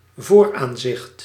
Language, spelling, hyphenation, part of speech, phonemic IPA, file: Dutch, vooraanzicht, voor‧aan‧zicht, noun, /ˈvoːrˌaːn.zɪxt/, Nl-vooraanzicht.ogg
- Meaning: front view